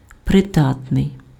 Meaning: 1. suitable, fit, appropriate 2. useful, usable
- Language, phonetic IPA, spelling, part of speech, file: Ukrainian, [preˈdatnei̯], придатний, adjective, Uk-придатний.ogg